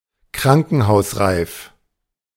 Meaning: needing hospitalization (especially of a person beaten up)
- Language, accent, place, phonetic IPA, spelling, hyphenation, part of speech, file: German, Germany, Berlin, [ˈkʁaŋkn̩haʊ̯sʁaɪ̯f], krankenhausreif, kran‧ken‧haus‧reif, adjective, De-krankenhausreif.ogg